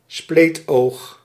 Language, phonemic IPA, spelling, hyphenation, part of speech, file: Dutch, /ˈspleːt.oːx/, spleetoog, spleet‧oog, noun, Nl-spleetoog.ogg
- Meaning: 1. slit-eye, slant-eye 2. a person of Chinese or Far Eastern descent; Chink, gook, slope